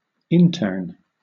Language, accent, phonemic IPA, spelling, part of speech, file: English, Southern England, /ˈɪntɜːn/, intern, noun / verb, LL-Q1860 (eng)-intern.wav
- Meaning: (noun) 1. A student or recent graduate who works in order to gain experience in their chosen field 2. A medical student or recent graduate working in a hospital as a final part of medical training